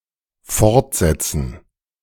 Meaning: to continue with something
- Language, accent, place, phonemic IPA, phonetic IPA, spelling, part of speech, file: German, Germany, Berlin, /ˈfɔʁtˌzɛt͡sən/, [ˈfɔʁtˌzɛt͡sn̩], fortsetzen, verb, De-fortsetzen.ogg